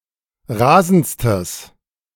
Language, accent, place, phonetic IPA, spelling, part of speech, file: German, Germany, Berlin, [ˈʁaːzn̩t͡stəs], rasendstes, adjective, De-rasendstes.ogg
- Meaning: strong/mixed nominative/accusative neuter singular superlative degree of rasend